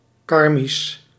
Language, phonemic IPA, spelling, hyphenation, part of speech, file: Dutch, /ˈkɑr.mis/, karmisch, kar‧misch, adjective, Nl-karmisch.ogg
- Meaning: karmic